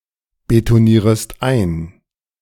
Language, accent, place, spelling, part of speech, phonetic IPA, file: German, Germany, Berlin, betonierest ein, verb, [betoˌniːʁəst ˈaɪ̯n], De-betonierest ein.ogg
- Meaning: second-person singular subjunctive I of einbetonieren